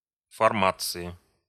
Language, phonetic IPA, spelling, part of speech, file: Russian, [fɐrˈmat͡sɨɪ], формации, noun, Ru-формации.ogg
- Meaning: inflection of форма́ция (formácija): 1. genitive/dative/prepositional singular 2. nominative/accusative plural